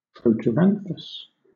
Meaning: Of a plant: 1. having flowers that appear earlier than the leaves 2. having leaves that appear earlier than the flowers
- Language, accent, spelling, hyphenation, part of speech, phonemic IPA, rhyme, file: English, Southern England, proteranthous, pro‧ter‧anth‧ous, adjective, /ˌpɹəʊtəɹˈænθəs/, -ænθəs, LL-Q1860 (eng)-proteranthous.wav